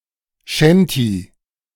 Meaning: shanty (song a sailor sings)
- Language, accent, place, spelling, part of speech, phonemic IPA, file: German, Germany, Berlin, Shanty, noun, /ˈʃɛnti/, De-Shanty.ogg